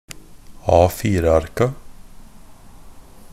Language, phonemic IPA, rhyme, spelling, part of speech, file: Norwegian Bokmål, /ɑːfiːrəarka/, -arka, A4-arka, noun, NB - Pronunciation of Norwegian Bokmål «A4-arka».ogg
- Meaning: definite plural of A4-ark